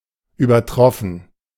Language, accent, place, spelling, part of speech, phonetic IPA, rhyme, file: German, Germany, Berlin, übertroffen, verb, [yːbɐˈtʁɔfn̩], -ɔfn̩, De-übertroffen.ogg
- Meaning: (verb) past participle of übertreffen; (adjective) 1. surpassed, exceeded 2. excelled, outdone